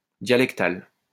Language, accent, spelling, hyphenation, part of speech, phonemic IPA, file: French, France, dialectal, dia‧lec‧tal, adjective, /dja.lɛk.tal/, LL-Q150 (fra)-dialectal.wav
- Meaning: dialectal